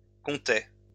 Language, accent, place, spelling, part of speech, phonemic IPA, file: French, France, Lyon, comptai, verb, /kɔ̃.te/, LL-Q150 (fra)-comptai.wav
- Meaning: first-person singular past historic of compter